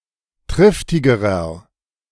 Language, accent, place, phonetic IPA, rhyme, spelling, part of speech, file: German, Germany, Berlin, [ˈtʁɪftɪɡəʁɐ], -ɪftɪɡəʁɐ, triftigerer, adjective, De-triftigerer.ogg
- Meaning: inflection of triftig: 1. strong/mixed nominative masculine singular comparative degree 2. strong genitive/dative feminine singular comparative degree 3. strong genitive plural comparative degree